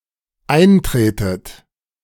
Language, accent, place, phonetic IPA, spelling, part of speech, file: German, Germany, Berlin, [ˈaɪ̯nˌtʁeːtət], eintretet, verb, De-eintretet.ogg
- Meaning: inflection of eintreten: 1. second-person plural dependent present 2. second-person plural dependent subjunctive I